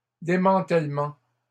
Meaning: plural of démantèlement
- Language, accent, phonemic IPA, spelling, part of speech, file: French, Canada, /de.mɑ̃.tɛl.mɑ̃/, démantèlements, noun, LL-Q150 (fra)-démantèlements.wav